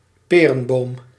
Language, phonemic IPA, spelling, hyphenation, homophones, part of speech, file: Dutch, /ˈpeː.rə(n)ˌboːm/, perenboom, pe‧ren‧boom, Peerenboom, noun, Nl-perenboom.ogg
- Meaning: pear tree